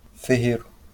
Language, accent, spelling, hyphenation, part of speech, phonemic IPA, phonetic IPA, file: Portuguese, Brazil, ferreiro, fer‧rei‧ro, noun, /feˈʁe(j).ɾu/, [feˈhe(ɪ̯).ɾu], LL-Q5146 (por)-ferreiro.wav
- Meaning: blacksmith (iron forger)